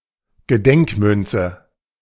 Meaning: commemorative coin
- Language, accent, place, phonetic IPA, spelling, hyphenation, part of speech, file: German, Germany, Berlin, [ɡəˈdɛŋkmʏnt͡sə], Gedenkmünze, Ge‧denk‧mün‧ze, noun, De-Gedenkmünze.ogg